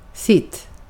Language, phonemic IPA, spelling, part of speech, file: Swedish, /sɪtː/, sitt, pronoun / verb, Sv-sitt.ogg
- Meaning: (pronoun) neuter of sin; his, her(s), its, their(s); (verb) imperative of sitta